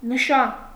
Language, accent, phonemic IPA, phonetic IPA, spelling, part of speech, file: Armenian, Eastern Armenian, /nəˈʃɑn/, [nəʃɑ́n], նշան, noun, Hy-նշան.ogg
- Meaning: 1. sign, mark 2. badge 3. target, mark 4. signal, indicator 5. sign (of the hand, head, or other movement) 6. sign (that predicts or forecasts weather changes)